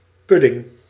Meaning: pudding (type of dessert)
- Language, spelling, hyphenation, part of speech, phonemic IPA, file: Dutch, pudding, pud‧ding, noun, /ˈpʏ.dɪŋ/, Nl-pudding.ogg